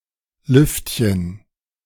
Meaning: diminutive of Luft
- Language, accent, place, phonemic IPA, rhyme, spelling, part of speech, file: German, Germany, Berlin, /ˈlʏftçən/, -ʏftçən, Lüftchen, noun, De-Lüftchen.ogg